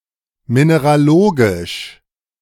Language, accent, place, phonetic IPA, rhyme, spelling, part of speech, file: German, Germany, Berlin, [ˌmineʁaˈloːɡɪʃ], -oːɡɪʃ, mineralogisch, adjective, De-mineralogisch.ogg
- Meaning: mineralogical